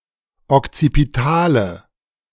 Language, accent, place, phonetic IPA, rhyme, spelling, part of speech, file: German, Germany, Berlin, [ɔkt͡sipiˈtaːlə], -aːlə, okzipitale, adjective, De-okzipitale.ogg
- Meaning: inflection of okzipital: 1. strong/mixed nominative/accusative feminine singular 2. strong nominative/accusative plural 3. weak nominative all-gender singular